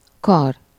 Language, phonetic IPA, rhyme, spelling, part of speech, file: Hungarian, [ˈkɒr], -ɒr, kar, noun, Hu-kar.ogg
- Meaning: 1. arm (upper limb of a human or animal) 2. lever (a rod with one end fixed, which can be pulled to trigger or control a mechanical device)